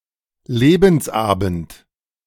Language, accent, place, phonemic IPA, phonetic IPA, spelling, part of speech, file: German, Germany, Berlin, /ˈleːbənsˌaːbənt/, [ˈleː.bm̩sˌʔaː.bm̩t], Lebensabend, noun, De-Lebensabend.ogg
- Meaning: sunset years; eventide of one’s life (lifespan beyond circa 60 years of age)